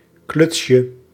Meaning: diminutive of kluts
- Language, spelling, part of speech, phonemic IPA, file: Dutch, klutsje, noun, /ˈklʏtʃə/, Nl-klutsje.ogg